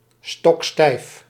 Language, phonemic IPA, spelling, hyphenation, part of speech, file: Dutch, /stɔkˈstɛi̯f/, stokstijf, stok‧stijf, adjective, Nl-stokstijf.ogg
- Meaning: 1. as stiff as a stick 2. stock-still, immobile 3. immovable, stubborn, tenacious